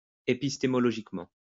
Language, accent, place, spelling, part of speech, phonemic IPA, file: French, France, Lyon, épistémologiquement, adverb, /e.pis.te.mɔ.lɔ.ʒik.mɑ̃/, LL-Q150 (fra)-épistémologiquement.wav
- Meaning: epistemologically